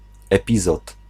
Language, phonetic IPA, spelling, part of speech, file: Polish, [ɛˈpʲizɔt], epizod, noun, Pl-epizod.ogg